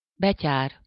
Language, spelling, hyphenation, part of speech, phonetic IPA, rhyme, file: Hungarian, betyár, be‧tyár, noun, [ˈbɛcaːr], -aːr, Hu-betyár.ogg
- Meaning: 1. highwayman, outlaw 2. rogue, scamp, rascal